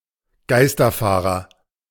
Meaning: a wrong-way driver, ghost driver (one who drives in the direction opposite to that prescribed for the given lane)
- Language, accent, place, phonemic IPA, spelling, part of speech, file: German, Germany, Berlin, /ˈɡaɪ̯stɐˌfaːʁɐ/, Geisterfahrer, noun, De-Geisterfahrer.ogg